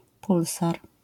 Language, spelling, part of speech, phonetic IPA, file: Polish, pulsar, noun, [ˈpulsar], LL-Q809 (pol)-pulsar.wav